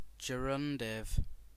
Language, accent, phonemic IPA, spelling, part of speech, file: English, UK, /dʒəˈɹʌndɪv/, gerundive, noun / adjective, En-uk-gerundive.ogg
- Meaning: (noun) 1. A verbal adjective that describes obligation or necessity, equivalent in form to the future passive participle 2. A verbal adjective ending in -ing, also called a "present participle"